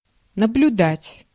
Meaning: 1. to watch, to observe 2. to study 3. to supervise, to take care of
- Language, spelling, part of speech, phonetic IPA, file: Russian, наблюдать, verb, [nəblʲʊˈdatʲ], Ru-наблюдать.ogg